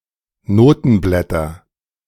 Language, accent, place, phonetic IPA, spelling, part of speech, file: German, Germany, Berlin, [ˈnoːtn̩ˌblɛtɐ], Notenblätter, noun, De-Notenblätter.ogg
- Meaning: nominative/accusative/genitive plural of Notenblatt